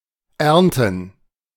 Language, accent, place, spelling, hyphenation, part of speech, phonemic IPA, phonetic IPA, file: German, Germany, Berlin, Ernten, Ern‧ten, noun, /ˈɛrntən/, [ˈʔɛʁn.tn̩], De-Ernten.ogg
- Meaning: 1. gerund of ernten 2. plural of Ernte